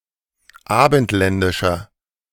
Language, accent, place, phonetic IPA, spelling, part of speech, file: German, Germany, Berlin, [ˈaːbn̩tˌlɛndɪʃɐ], abendländischer, adjective, De-abendländischer.ogg
- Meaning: inflection of abendländisch: 1. strong/mixed nominative masculine singular 2. strong genitive/dative feminine singular 3. strong genitive plural